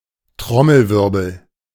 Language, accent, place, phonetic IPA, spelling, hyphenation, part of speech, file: German, Germany, Berlin, [ˈtʁɔml̩ˌvɪʁbl̩], Trommelwirbel, Trom‧mel‧wir‧bel, noun, De-Trommelwirbel.ogg
- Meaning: drumroll